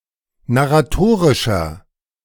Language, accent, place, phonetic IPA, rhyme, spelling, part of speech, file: German, Germany, Berlin, [naʁaˈtoːʁɪʃɐ], -oːʁɪʃɐ, narratorischer, adjective, De-narratorischer.ogg
- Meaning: inflection of narratorisch: 1. strong/mixed nominative masculine singular 2. strong genitive/dative feminine singular 3. strong genitive plural